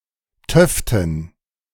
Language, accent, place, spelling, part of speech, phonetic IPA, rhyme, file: German, Germany, Berlin, töften, adjective, [ˈtœftn̩], -œftn̩, De-töften.ogg
- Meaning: inflection of töfte: 1. strong genitive masculine/neuter singular 2. weak/mixed genitive/dative all-gender singular 3. strong/weak/mixed accusative masculine singular 4. strong dative plural